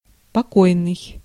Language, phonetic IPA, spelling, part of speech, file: Russian, [pɐˈkojnɨj], покойный, adjective / noun, Ru-покойный.ogg
- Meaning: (adjective) 1. calm, tranquil 2. late, deceased; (noun) deceased person